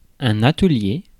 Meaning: workshop
- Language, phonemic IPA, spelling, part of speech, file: French, /a.tə.lje/, atelier, noun, Fr-atelier.ogg